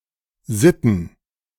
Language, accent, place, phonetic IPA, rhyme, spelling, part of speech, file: German, Germany, Berlin, [ˈzɪtn̩], -ɪtn̩, Sitten, proper noun / noun, De-Sitten.ogg
- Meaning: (proper noun) Sion (a municipality and town, the capital of Vaud canton, Switzerland); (noun) plural of Sitte